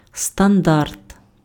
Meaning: standard (level of quality)
- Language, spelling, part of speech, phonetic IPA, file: Ukrainian, стандарт, noun, [stɐnˈdart], Uk-стандарт.ogg